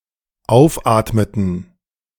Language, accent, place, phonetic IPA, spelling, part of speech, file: German, Germany, Berlin, [ˈaʊ̯fˌʔaːtmətn̩], aufatmeten, verb, De-aufatmeten.ogg
- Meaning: inflection of aufatmen: 1. first/third-person plural dependent preterite 2. first/third-person plural dependent subjunctive II